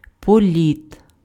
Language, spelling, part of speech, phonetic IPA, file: Ukrainian, політ, noun, [poˈlʲit], Uk-політ.ogg
- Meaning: 1. flight (movement through the air) 2. flight (instance of air travel) 3. urge, desire